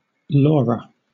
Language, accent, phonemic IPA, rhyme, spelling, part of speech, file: English, Southern England, /ˈlɔːɹə/, -ɔːɹə, Laura, proper noun, LL-Q1860 (eng)-Laura.wav
- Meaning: A female given name from Latin